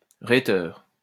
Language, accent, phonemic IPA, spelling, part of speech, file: French, France, /ʁe.tœʁ/, rhéteur, noun, LL-Q150 (fra)-rhéteur.wav
- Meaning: rhetorician